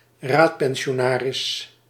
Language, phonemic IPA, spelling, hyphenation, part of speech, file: Dutch, /ˈraːt.pɛn.ʃoːˌnaː.rɪs/, raadpensionaris, raad‧pen‧si‧o‧na‧ris, noun, Nl-raadpensionaris.ogg
- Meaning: alternative spelling of raadspensionaris